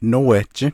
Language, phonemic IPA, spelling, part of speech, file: Navajo, /nówɛ̀t͡ʃɪ́/, nówehjí, adverb, Nv-nówehjí.ogg
- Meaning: 1. further that way; further in that direction 2. move!, move over